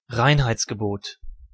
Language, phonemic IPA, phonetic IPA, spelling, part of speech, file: German, /ˈraɪ̯nhaɪ̯tsɡəˌboːt/, [ˈʁaɪ̯n.haɪ̯t͡s.ɡəˌboːt], Reinheitsgebot, noun, De-Reinheitsgebot.ogg